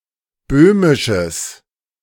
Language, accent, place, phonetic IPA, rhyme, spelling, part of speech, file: German, Germany, Berlin, [ˈbøːmɪʃəs], -øːmɪʃəs, böhmisches, adjective, De-böhmisches.ogg
- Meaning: strong/mixed nominative/accusative neuter singular of böhmisch